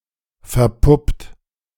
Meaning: 1. past participle of verpuppen 2. inflection of verpuppen: second-person plural present 3. inflection of verpuppen: third-person singular present 4. inflection of verpuppen: plural imperative
- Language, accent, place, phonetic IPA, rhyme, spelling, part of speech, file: German, Germany, Berlin, [fɛɐ̯ˈpʊpt], -ʊpt, verpuppt, verb, De-verpuppt.ogg